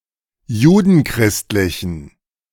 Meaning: inflection of judenchristlich: 1. strong genitive masculine/neuter singular 2. weak/mixed genitive/dative all-gender singular 3. strong/weak/mixed accusative masculine singular 4. strong dative plural
- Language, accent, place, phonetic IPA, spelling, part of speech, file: German, Germany, Berlin, [ˈjuːdn̩ˌkʁɪstlɪçn̩], judenchristlichen, adjective, De-judenchristlichen.ogg